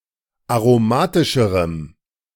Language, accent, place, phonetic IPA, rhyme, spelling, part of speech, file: German, Germany, Berlin, [aʁoˈmaːtɪʃəʁəm], -aːtɪʃəʁəm, aromatischerem, adjective, De-aromatischerem.ogg
- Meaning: strong dative masculine/neuter singular comparative degree of aromatisch